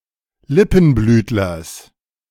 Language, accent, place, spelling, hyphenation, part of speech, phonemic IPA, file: German, Germany, Berlin, Lippenblütlers, Lip‧pen‧blüt‧lers, noun, /ˈlɪpənˌblyːtlɐs/, De-Lippenblütlers.ogg
- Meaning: genitive singular of Lippenblütler